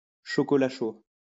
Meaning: hot chocolate
- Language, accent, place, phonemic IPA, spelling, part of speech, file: French, France, Lyon, /ʃɔ.kɔ.la ʃo/, chocolat chaud, noun, LL-Q150 (fra)-chocolat chaud.wav